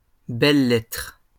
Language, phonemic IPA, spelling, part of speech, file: French, /lɛtʁ/, lettres, noun, LL-Q150 (fra)-lettres.wav
- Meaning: 1. plural of lettre 2. humanities/arts